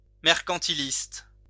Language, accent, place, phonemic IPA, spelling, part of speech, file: French, France, Lyon, /mɛʁ.kɑ̃.ti.list/, mercantiliste, adjective / noun, LL-Q150 (fra)-mercantiliste.wav
- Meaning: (adjective) mercantilist